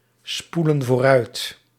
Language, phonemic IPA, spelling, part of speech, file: Dutch, /ˈspulə(n) vorˈœyt/, spoelen vooruit, verb, Nl-spoelen vooruit.ogg
- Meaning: inflection of vooruitspoelen: 1. plural present indicative 2. plural present subjunctive